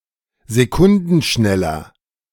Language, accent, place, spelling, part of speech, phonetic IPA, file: German, Germany, Berlin, sekundenschneller, adjective, [zeˈkʊndn̩ˌʃnɛlɐ], De-sekundenschneller.ogg
- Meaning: inflection of sekundenschnell: 1. strong/mixed nominative masculine singular 2. strong genitive/dative feminine singular 3. strong genitive plural